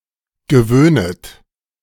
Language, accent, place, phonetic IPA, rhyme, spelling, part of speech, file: German, Germany, Berlin, [ɡəˈvøːnət], -øːnət, gewöhnet, verb, De-gewöhnet.ogg
- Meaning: second-person plural subjunctive I of gewöhnen